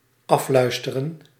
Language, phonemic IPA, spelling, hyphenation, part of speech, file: Dutch, /ˈɑflœy̯stərə(n)/, afluisteren, af‧luis‧te‧ren, verb, Nl-afluisteren.ogg
- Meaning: to eavesdrop